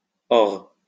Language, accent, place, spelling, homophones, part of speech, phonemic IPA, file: French, France, Lyon, ores, hors / or / ore / ors, adverb / noun, /ɔʁ/, LL-Q150 (fra)-ores.wav
- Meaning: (adverb) now; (noun) plural of ore